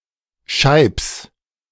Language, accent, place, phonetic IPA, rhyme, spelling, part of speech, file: German, Germany, Berlin, [ʃaɪ̯ps], -aɪ̯ps, Scheibbs, proper noun, De-Scheibbs.ogg
- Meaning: a municipality of Lower Austria, Austria